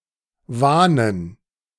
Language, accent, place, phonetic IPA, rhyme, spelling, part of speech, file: German, Germany, Berlin, [ˈvaːnən], -aːnən, Wahnen, noun, De-Wahnen.ogg
- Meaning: dative plural of Wahn